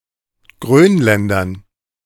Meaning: dative plural of Grönländer
- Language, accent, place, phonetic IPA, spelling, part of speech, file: German, Germany, Berlin, [ˈɡʁøːnˌlɛndɐn], Grönländern, noun, De-Grönländern.ogg